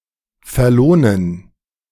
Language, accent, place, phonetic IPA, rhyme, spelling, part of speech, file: German, Germany, Berlin, [fɛɐ̯ˈloːnən], -oːnən, verlohnen, verb, De-verlohnen.ogg
- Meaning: 1. to be worth it, to be worthwhile 2. to be worth